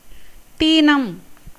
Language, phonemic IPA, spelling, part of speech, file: Tamil, /t̪iːnɐm/, தீனம், noun, Ta-தீனம்.ogg
- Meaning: 1. poverty, distress 2. cruelty, harshness injustice 3. disease 4. friendship